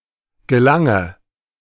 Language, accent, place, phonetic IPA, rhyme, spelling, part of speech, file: German, Germany, Berlin, [ɡəˈlaŋə], -aŋə, gelange, verb, De-gelange.ogg
- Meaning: inflection of gelangen: 1. first-person singular present 2. first/third-person singular subjunctive I 3. singular imperative